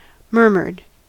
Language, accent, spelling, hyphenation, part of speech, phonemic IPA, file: English, US, murmured, mur‧mured, verb, /ˈmɝ.mɚd/, En-us-murmured.ogg
- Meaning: simple past and past participle of murmur